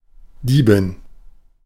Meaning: female equivalent of Dieb (“thief”)
- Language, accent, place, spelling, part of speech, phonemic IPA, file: German, Germany, Berlin, Diebin, noun, /ˈdiːbɪn/, De-Diebin.ogg